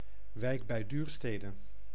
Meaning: a city and municipality of Utrecht, Netherlands
- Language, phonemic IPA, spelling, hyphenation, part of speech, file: Dutch, /ˈʋɛi̯k bɛi̯ ˈdyːr.steː.də/, Wijk bij Duurstede, Wijk bij Duur‧ste‧de, proper noun, Nl-Wijk bij Duurstede.ogg